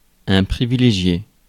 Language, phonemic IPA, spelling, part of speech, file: French, /pʁi.vi.le.ʒje/, privilégié, adjective / noun / verb, Fr-privilégié.ogg
- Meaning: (adjective) privileged; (noun) person who is privileged; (verb) past participle of privilégier